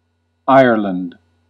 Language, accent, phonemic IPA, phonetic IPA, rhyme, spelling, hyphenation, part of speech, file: English, US, /ˈaɪə(ɹ)lənd/, [ˈäɪɚɫɪ̈nd], -aɪə(ɹ)lənd, Ireland, Ire‧land, proper noun, En-us-Ireland.ogg
- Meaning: 1. A large island in northwestern Europe 2. A country in northwestern Europe 3. A surname